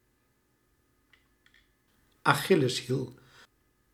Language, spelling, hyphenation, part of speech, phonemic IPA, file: Dutch, achilleshiel, achil‧les‧hiel, noun, /ɑˈxɪləshil/, Nl-achilleshiel.ogg
- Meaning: 1. Achilles heel, the Achilles tendon 2. Achilles heel, a vulnerability